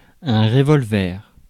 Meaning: revolver (gun)
- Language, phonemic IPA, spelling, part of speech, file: French, /ʁe.vɔl.vɛʁ/, revolver, noun, Fr-revolver.ogg